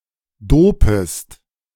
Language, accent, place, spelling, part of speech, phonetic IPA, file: German, Germany, Berlin, dopest, verb, [ˈdoːpəst], De-dopest.ogg
- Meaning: second-person singular subjunctive I of dopen